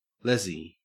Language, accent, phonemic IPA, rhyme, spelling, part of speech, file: English, Australia, /ˈlɛzi/, -ɛzi, lezzie, noun, En-au-lezzie.ogg
- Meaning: A lesbian